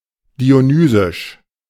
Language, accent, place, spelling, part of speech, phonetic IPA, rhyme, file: German, Germany, Berlin, dionysisch, adjective, [di.o.ˈnyː.zɪʃ], -yːzɪʃ, De-dionysisch.ogg
- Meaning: 1. of Dionysus; Dionysian 2. dionysian (wild, irrational and undisciplined)